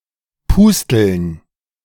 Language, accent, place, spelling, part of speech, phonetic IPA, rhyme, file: German, Germany, Berlin, Pusteln, noun, [ˈpʊstl̩n], -ʊstl̩n, De-Pusteln.ogg
- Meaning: plural of Pustel